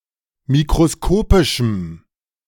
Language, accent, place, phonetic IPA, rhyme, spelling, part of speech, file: German, Germany, Berlin, [mikʁoˈskoːpɪʃm̩], -oːpɪʃm̩, mikroskopischem, adjective, De-mikroskopischem.ogg
- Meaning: strong dative masculine/neuter singular of mikroskopisch